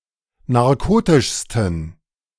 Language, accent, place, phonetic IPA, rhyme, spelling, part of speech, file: German, Germany, Berlin, [naʁˈkoːtɪʃstn̩], -oːtɪʃstn̩, narkotischsten, adjective, De-narkotischsten.ogg
- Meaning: 1. superlative degree of narkotisch 2. inflection of narkotisch: strong genitive masculine/neuter singular superlative degree